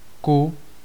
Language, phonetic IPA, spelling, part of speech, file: Czech, [ˈku], ku, preposition, Cs-ku.ogg
- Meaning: to (in the direction of, and arriving at)